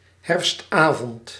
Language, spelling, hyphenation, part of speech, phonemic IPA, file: Dutch, herfstavond, herfst‧avond, noun, /ˈɦɛrfstˌaː.vɔnt/, Nl-herfstavond.ogg
- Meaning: autumn evening